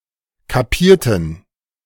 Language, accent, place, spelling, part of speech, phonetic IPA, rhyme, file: German, Germany, Berlin, kapierten, adjective / verb, [kaˈpiːɐ̯tn̩], -iːɐ̯tn̩, De-kapierten.ogg
- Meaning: inflection of kapieren: 1. first/third-person plural preterite 2. first/third-person plural subjunctive II